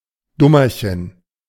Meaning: silly, fool, dummy (person acting foolishly)
- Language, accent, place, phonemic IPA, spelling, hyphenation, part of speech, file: German, Germany, Berlin, /ˈdʊmɐçən/, Dummerchen, Dum‧mer‧chen, noun, De-Dummerchen.ogg